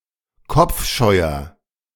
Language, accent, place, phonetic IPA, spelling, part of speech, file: German, Germany, Berlin, [ˈkɔp͡fˌʃɔɪ̯ɐ], kopfscheuer, adjective, De-kopfscheuer.ogg
- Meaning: 1. comparative degree of kopfscheu 2. inflection of kopfscheu: strong/mixed nominative masculine singular 3. inflection of kopfscheu: strong genitive/dative feminine singular